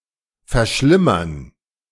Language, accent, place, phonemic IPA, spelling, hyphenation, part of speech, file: German, Germany, Berlin, /fɛɐ̯ˈʃlɪmɐn/, verschlimmern, ver‧schlim‧mern, verb, De-verschlimmern.ogg
- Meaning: 1. to make worse, to worsen, to aggravate 2. to become worse